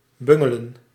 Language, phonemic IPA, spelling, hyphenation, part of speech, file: Dutch, /ˈbʏŋələ(n)/, bungelen, bun‧ge‧len, verb, Nl-bungelen.ogg
- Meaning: alternative form of bengelen